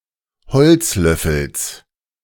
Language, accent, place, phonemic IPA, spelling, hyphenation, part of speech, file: German, Germany, Berlin, /ˈhɔlt͡sˌlœfl̩s/, Holzlöffels, Holz‧löf‧fels, noun, De-Holzlöffels.ogg
- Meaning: genitive singular of Holzlöffel